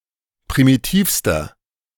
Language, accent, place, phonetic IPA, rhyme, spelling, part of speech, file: German, Germany, Berlin, [pʁimiˈtiːfstɐ], -iːfstɐ, primitivster, adjective, De-primitivster.ogg
- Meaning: inflection of primitiv: 1. strong/mixed nominative masculine singular superlative degree 2. strong genitive/dative feminine singular superlative degree 3. strong genitive plural superlative degree